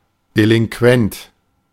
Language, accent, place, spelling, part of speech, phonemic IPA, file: German, Germany, Berlin, Delinquent, noun, /delɪŋˈkvɛnt/, De-Delinquent.ogg
- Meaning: delinquent (one who breaks the law)